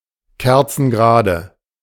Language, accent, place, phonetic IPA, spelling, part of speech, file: German, Germany, Berlin, [ˈkɛʁt͡sn̩ˌɡʁaːdə], kerzengrade, adjective, De-kerzengrade.ogg
- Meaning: alternative form of kerzengerade